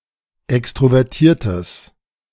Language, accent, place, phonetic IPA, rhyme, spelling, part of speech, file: German, Germany, Berlin, [ˌɛkstʁovɛʁˈtiːɐ̯təs], -iːɐ̯təs, extrovertiertes, adjective, De-extrovertiertes.ogg
- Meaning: strong/mixed nominative/accusative neuter singular of extrovertiert